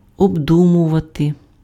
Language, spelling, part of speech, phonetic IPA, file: Ukrainian, обдумувати, verb, [obˈdumʊʋɐte], Uk-обдумувати.ogg
- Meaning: to think over, to ponder, to consider, to cogitate, to reflect, to deliberate (on/upon/over)